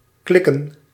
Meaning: 1. to click 2. to go well relationwise, to have a click 3. to squeal on someone, to snitch 4. to fall into place mentally (as in the penny drops) 5. to suffice 6. to knock, to make a knocking sound
- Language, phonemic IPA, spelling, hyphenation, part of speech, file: Dutch, /ˈklɪ.kə(n)/, klikken, klik‧ken, verb, Nl-klikken.ogg